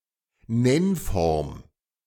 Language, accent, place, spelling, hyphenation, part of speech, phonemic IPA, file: German, Germany, Berlin, Nennform, Nenn‧form, noun, /ˈnɛnˌfɔʁm/, De-Nennform.ogg
- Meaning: lemma, dictionary form